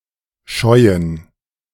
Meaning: 1. to shy, to balk at (to physically refuse going near a source of fear, especially of animals) 2. to avoid, to balk at (an act or situation, especially over a longer time period)
- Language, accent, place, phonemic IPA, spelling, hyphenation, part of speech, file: German, Germany, Berlin, /ˈʃɔɪ̯ən/, scheuen, scheu‧en, verb, De-scheuen.ogg